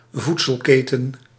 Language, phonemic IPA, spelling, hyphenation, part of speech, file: Dutch, /ˈvut.səlˌkeː.tə(n)/, voedselketen, voed‧sel‧ke‧ten, noun, Nl-voedselketen.ogg
- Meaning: food chain